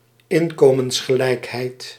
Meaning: income equality
- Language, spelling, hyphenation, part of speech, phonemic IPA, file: Dutch, inkomensgelijkheid, in‧ko‧mens‧ge‧lijk‧heid, noun, /ˈɪn.koː.məns.xəˌlɛi̯k.ɦɛi̯t/, Nl-inkomensgelijkheid.ogg